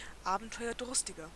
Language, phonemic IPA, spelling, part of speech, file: German, /ˈaːbn̩tɔɪ̯ɐˌdʊʁstɪɡɐ/, abenteuerdurstiger, adjective, De-abenteuerdurstiger.ogg
- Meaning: 1. comparative degree of abenteuerdurstig 2. inflection of abenteuerdurstig: strong/mixed nominative masculine singular 3. inflection of abenteuerdurstig: strong genitive/dative feminine singular